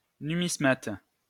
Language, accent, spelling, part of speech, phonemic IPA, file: French, France, numismate, noun, /ny.mis.mat/, LL-Q150 (fra)-numismate.wav
- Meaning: numismatist